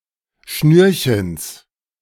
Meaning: genitive singular of Schnürchen
- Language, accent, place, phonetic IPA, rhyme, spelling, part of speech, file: German, Germany, Berlin, [ˈʃnyːɐ̯çəns], -yːɐ̯çəns, Schnürchens, noun, De-Schnürchens.ogg